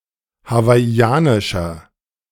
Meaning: 1. comparative degree of hawaiianisch 2. inflection of hawaiianisch: strong/mixed nominative masculine singular 3. inflection of hawaiianisch: strong genitive/dative feminine singular
- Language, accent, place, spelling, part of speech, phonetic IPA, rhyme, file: German, Germany, Berlin, hawaiianischer, adjective, [havaɪ̯ˈi̯aːnɪʃɐ], -aːnɪʃɐ, De-hawaiianischer.ogg